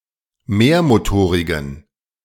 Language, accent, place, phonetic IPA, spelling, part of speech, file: German, Germany, Berlin, [ˈmeːɐ̯moˌtoːʁɪɡn̩], mehrmotorigen, adjective, De-mehrmotorigen.ogg
- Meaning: inflection of mehrmotorig: 1. strong genitive masculine/neuter singular 2. weak/mixed genitive/dative all-gender singular 3. strong/weak/mixed accusative masculine singular 4. strong dative plural